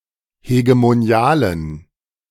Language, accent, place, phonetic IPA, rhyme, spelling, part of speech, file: German, Germany, Berlin, [heɡemoˈni̯aːlən], -aːlən, hegemonialen, adjective, De-hegemonialen.ogg
- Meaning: inflection of hegemonial: 1. strong genitive masculine/neuter singular 2. weak/mixed genitive/dative all-gender singular 3. strong/weak/mixed accusative masculine singular 4. strong dative plural